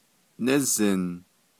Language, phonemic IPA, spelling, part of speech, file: Navajo, /nɪ́zɪ̀n/, nízin, verb, Nv-nízin.ogg
- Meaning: 1. he/she thinks, is of the opinion 2. he/she feels 3. Used with the future with a meaning close to "want"